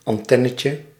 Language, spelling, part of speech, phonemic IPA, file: Dutch, antennetje, noun, /ɑnˈtɛnəcə/, Nl-antennetje.ogg
- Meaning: diminutive of antenne